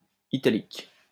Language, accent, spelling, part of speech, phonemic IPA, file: French, France, italique, adjective / noun, /i.ta.lik/, LL-Q150 (fra)-italique.wav
- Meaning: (adjective) 1. italic 2. Italic 3. Italic: of or pertaining to ancient Italy; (noun) italics